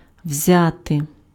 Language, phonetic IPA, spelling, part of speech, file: Ukrainian, [ˈwzʲate], взяти, verb, Uk-взяти.ogg
- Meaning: 1. to take (to hold, pick up) 2. to take away 3. to get, acquire 4. to take (to capture, occupy territory)